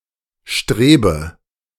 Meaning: inflection of streben: 1. first-person singular present 2. first/third-person singular subjunctive I 3. singular imperative
- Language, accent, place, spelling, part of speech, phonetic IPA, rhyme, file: German, Germany, Berlin, strebe, verb, [ˈʃtʁeːbə], -eːbə, De-strebe.ogg